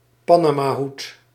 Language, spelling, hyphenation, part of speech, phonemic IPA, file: Dutch, panamahoed, pa‧na‧ma‧hoed, noun, /ˈpanamaˌhut/, Nl-panamahoed.ogg
- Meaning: a Panama hat, a lightweight straw hat type